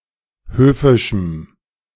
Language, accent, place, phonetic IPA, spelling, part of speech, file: German, Germany, Berlin, [ˈhøːfɪʃm̩], höfischem, adjective, De-höfischem.ogg
- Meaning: strong dative masculine/neuter singular of höfisch